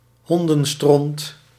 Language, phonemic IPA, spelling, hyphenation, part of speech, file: Dutch, /ˈɦɔn.də(n)ˌstrɔnt/, hondenstront, hon‧den‧stront, noun, Nl-hondenstront.ogg
- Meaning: dog shit